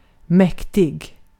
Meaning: 1. powerful 2. imposing 3. mighty
- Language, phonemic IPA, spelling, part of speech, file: Swedish, /²mɛktɪ(ɡ)/, mäktig, adjective, Sv-mäktig.ogg